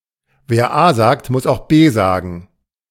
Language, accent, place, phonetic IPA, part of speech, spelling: German, Germany, Berlin, [veːɐ̯ aː zaːkt mʊs aʊ̯χ beː ˈzaːɡn̩], proverb, wer A sagt, muss auch B sagen
- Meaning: in for a penny, in for a pound